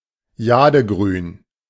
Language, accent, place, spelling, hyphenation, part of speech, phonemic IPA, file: German, Germany, Berlin, jadegrün, ja‧de‧grün, adjective, /ˈjaːdəˌɡʁyːn/, De-jadegrün.ogg
- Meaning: jade green